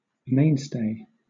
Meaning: 1. A chief support 2. Someone or something that can be depended on to make a regular contribution 3. A stabilising rope from high on the mainmast to the base of the foremast
- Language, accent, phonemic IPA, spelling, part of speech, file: English, Southern England, /ˈmeɪn.steɪ/, mainstay, noun, LL-Q1860 (eng)-mainstay.wav